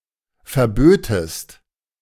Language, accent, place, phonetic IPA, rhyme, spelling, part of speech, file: German, Germany, Berlin, [fɛɐ̯ˈbøːtəst], -øːtəst, verbötest, verb, De-verbötest.ogg
- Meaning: second-person singular subjunctive II of verbieten